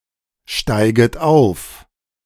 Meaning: second-person plural subjunctive I of aufsteigen
- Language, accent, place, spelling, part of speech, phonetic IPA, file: German, Germany, Berlin, steiget auf, verb, [ˌʃtaɪ̯ɡət ˈaʊ̯f], De-steiget auf.ogg